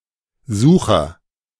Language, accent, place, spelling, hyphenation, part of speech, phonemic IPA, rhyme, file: German, Germany, Berlin, Sucher, Su‧cher, noun, /ˈzuːχɐ/, -uːχɐ, De-Sucher.ogg
- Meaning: 1. seeker, finder 2. viewfinder